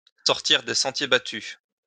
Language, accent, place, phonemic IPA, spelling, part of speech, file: French, France, Lyon, /sɔʁ.tiʁ de sɑ̃.tje ba.ty/, sortir des sentiers battus, verb, LL-Q150 (fra)-sortir des sentiers battus.wav
- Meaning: 1. to go off the beaten track (to go to places not commonly visited, not touristically popular) 2. to think outside the box